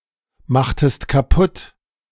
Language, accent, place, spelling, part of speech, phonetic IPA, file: German, Germany, Berlin, machtest kaputt, verb, [ˌmaxtəst kaˈpʊt], De-machtest kaputt.ogg
- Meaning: inflection of kaputtmachen: 1. second-person singular preterite 2. second-person singular subjunctive II